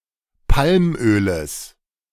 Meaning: genitive singular of Palmöl
- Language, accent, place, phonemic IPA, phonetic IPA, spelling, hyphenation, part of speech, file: German, Germany, Berlin, /ˈpalmøːləs/, [ˈpʰalmʔøːləs], Palmöles, Palm‧ö‧les, noun, De-Palmöles.ogg